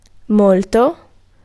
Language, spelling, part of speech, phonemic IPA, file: Italian, molto, adjective / adverb / pronoun / noun, /ˈmolto/, It-molto.ogg